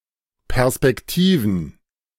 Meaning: plural of Perspektive
- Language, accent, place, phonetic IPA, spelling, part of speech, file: German, Germany, Berlin, [pɛʁspɛkˈtiːvn̩], Perspektiven, noun, De-Perspektiven.ogg